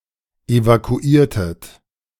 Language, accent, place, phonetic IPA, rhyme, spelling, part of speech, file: German, Germany, Berlin, [evakuˈiːɐ̯tət], -iːɐ̯tət, evakuiertet, verb, De-evakuiertet.ogg
- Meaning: inflection of evakuieren: 1. second-person plural preterite 2. second-person plural subjunctive II